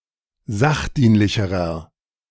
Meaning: inflection of sachdienlich: 1. strong/mixed nominative masculine singular comparative degree 2. strong genitive/dative feminine singular comparative degree 3. strong genitive plural comparative degree
- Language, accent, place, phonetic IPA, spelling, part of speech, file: German, Germany, Berlin, [ˈzaxˌdiːnlɪçəʁɐ], sachdienlicherer, adjective, De-sachdienlicherer.ogg